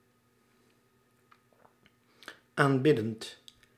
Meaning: present participle of aanbidden
- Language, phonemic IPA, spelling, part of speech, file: Dutch, /amˈbɪdənt/, aanbiddend, verb, Nl-aanbiddend.ogg